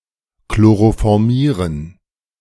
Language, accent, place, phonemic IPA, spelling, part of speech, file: German, Germany, Berlin, /kloʁofɔʁˈmiːʁən/, chloroformieren, verb, De-chloroformieren.ogg
- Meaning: to chloroform